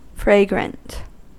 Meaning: 1. Sweet-smelling; having a pleasant (usually strong) scent or fragrance 2. Attractive
- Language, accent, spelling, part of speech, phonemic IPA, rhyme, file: English, US, fragrant, adjective, /ˈfɹeɪ.ɡɹənt/, -eɪɡɹənt, En-us-fragrant.ogg